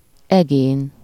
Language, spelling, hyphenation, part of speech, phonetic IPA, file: Hungarian, egén, egén, noun, [ˈɛɡeːn], Hu-egén.ogg
- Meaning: superessive of ege